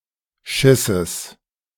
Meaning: genitive singular of Schiss
- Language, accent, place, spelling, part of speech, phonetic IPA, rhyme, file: German, Germany, Berlin, Schisses, noun, [ˈʃɪsəs], -ɪsəs, De-Schisses.ogg